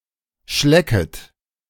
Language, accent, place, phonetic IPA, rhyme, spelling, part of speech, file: German, Germany, Berlin, [ˈʃlɛkət], -ɛkət, schlecket, verb, De-schlecket.ogg
- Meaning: second-person plural subjunctive I of schlecken